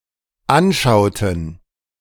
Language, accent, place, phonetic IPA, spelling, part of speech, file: German, Germany, Berlin, [ˈanˌʃaʊ̯tn̩], anschauten, verb, De-anschauten.ogg
- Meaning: inflection of anschauen: 1. first/third-person plural dependent preterite 2. first/third-person plural dependent subjunctive II